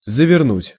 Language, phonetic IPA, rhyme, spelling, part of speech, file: Russian, [zəvʲɪrˈnutʲ], -utʲ, завернуть, verb, Ru-завернуть.ogg
- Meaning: 1. to wrap, to roll 2. to screw tight, to tighten (a nut) 3. to tuck up, to roll up 4. to turn 5. (takes preposition в) to drop in, to call (at a place) 6. to turn down, to reject